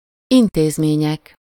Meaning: nominative plural of intézmény
- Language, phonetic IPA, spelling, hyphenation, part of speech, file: Hungarian, [ˈinteːzmeːɲɛk], intézmények, in‧téz‧mé‧nyek, noun, Hu-intézmények.ogg